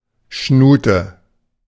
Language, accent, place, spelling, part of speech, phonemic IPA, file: German, Germany, Berlin, Schnute, noun, /ˈʃnuːtə/, De-Schnute.ogg
- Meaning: 1. a wry or contorted mouth, especially a pout, moue (way of pushing out one’s lips) 2. mouth (in general)